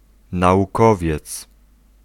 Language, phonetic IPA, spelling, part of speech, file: Polish, [ˌnaʷuˈkɔvʲjɛt͡s], naukowiec, noun, Pl-naukowiec.ogg